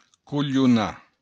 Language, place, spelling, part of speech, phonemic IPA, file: Occitan, Béarn, colhonar, verb, /kuʎuˈna/, LL-Q14185 (oci)-colhonar.wav
- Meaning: 1. to joke 2. to trick